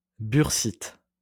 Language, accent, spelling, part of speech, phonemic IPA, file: French, France, bursite, noun, /byʁ.sit/, LL-Q150 (fra)-bursite.wav
- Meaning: bursitis (inflammation of a bursa)